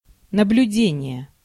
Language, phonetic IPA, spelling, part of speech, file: Russian, [nəblʲʉˈdʲenʲɪje], наблюдение, noun, Ru-наблюдение.ogg
- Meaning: 1. observation 2. supervision 3. surveillance